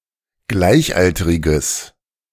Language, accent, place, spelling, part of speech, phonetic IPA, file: German, Germany, Berlin, gleichalteriges, adjective, [ˈɡlaɪ̯çˌʔaltəʁɪɡəs], De-gleichalteriges.ogg
- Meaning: strong/mixed nominative/accusative neuter singular of gleichalterig